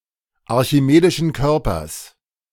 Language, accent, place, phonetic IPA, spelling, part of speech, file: German, Germany, Berlin, [aʁçiˌmeːdɪʃn̩ ˈkœʁpɐs], archimedischen Körpers, noun, De-archimedischen Körpers.ogg
- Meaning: genitive singular of archimedischer Körper